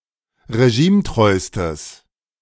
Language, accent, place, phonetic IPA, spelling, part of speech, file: German, Germany, Berlin, [ʁeˈʒiːmˌtʁɔɪ̯stəs], regimetreustes, adjective, De-regimetreustes.ogg
- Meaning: strong/mixed nominative/accusative neuter singular superlative degree of regimetreu